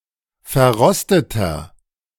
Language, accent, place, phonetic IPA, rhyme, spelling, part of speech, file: German, Germany, Berlin, [fɛɐ̯ˈʁɔstətɐ], -ɔstətɐ, verrosteter, adjective, De-verrosteter.ogg
- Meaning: 1. comparative degree of verrostet 2. inflection of verrostet: strong/mixed nominative masculine singular 3. inflection of verrostet: strong genitive/dative feminine singular